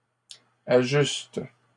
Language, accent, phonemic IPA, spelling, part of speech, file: French, Canada, /a.ʒyst/, ajustes, verb, LL-Q150 (fra)-ajustes.wav
- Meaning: second-person singular present indicative/subjunctive of ajuster